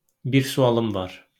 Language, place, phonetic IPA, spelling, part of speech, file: Azerbaijani, Baku, [bir suaˈlɯm vɑr], bir sualım var, phrase, LL-Q9292 (aze)-bir sualım var.wav
- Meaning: I have a question